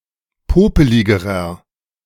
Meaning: inflection of popelig: 1. strong/mixed nominative masculine singular comparative degree 2. strong genitive/dative feminine singular comparative degree 3. strong genitive plural comparative degree
- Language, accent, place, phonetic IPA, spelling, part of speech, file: German, Germany, Berlin, [ˈpoːpəlɪɡəʁɐ], popeligerer, adjective, De-popeligerer.ogg